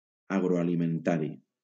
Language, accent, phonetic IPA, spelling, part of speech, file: Catalan, Valencia, [a.ɣɾo.a.li.menˈta.ɾi], agroalimentari, adjective, LL-Q7026 (cat)-agroalimentari.wav
- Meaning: industrial agriculture